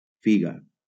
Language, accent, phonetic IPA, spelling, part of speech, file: Catalan, Valencia, [ˈfi.ɣa], figa, noun, LL-Q7026 (cat)-figa.wav
- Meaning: 1. fig 2. cunt; pussy (the vulva)